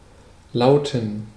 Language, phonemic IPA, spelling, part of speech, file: German, /ˈlaʊ̯.tən/, lauten, verb / adjective, De-lauten.ogg
- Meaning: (verb) 1. to be, to read (have a certain content or wording) 2. to sound, to ring; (adjective) inflection of laut: strong genitive masculine/neuter singular